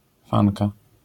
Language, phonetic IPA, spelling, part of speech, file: Polish, [ˈfãŋka], fanka, noun, LL-Q809 (pol)-fanka.wav